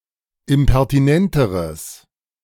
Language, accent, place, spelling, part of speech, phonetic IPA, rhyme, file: German, Germany, Berlin, impertinenteres, adjective, [ɪmpɛʁtiˈnɛntəʁəs], -ɛntəʁəs, De-impertinenteres.ogg
- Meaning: strong/mixed nominative/accusative neuter singular comparative degree of impertinent